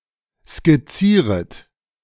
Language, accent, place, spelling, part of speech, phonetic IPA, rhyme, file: German, Germany, Berlin, skizzieret, verb, [skɪˈt͡siːʁət], -iːʁət, De-skizzieret.ogg
- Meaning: second-person plural subjunctive I of skizzieren